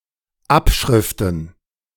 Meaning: plural of Abschrift
- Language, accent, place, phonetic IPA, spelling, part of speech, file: German, Germany, Berlin, [ˈapʃʁɪftn̩], Abschriften, noun, De-Abschriften.ogg